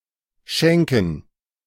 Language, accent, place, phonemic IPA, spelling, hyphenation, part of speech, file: German, Germany, Berlin, /ˈʃɛŋkən/, schenken, schen‧ken, verb, De-schenken2.ogg
- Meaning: 1. to give as a present, to gift 2. to spare one(self) (something) 3. to pour from a vessel, to serve